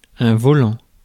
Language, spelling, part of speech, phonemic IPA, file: French, volant, verb / adjective / noun, /vɔ.lɑ̃/, Fr-volant.ogg
- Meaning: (verb) present participle of voler; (adjective) flying; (noun) 1. steering wheel 2. flywheel 3. flounce 4. shuttlecock, birdie